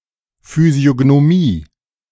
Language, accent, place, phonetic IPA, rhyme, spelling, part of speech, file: German, Germany, Berlin, [fyzi̯oɡnoˈmiː], -iː, Physiognomie, noun, De-Physiognomie.ogg
- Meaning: physiognomy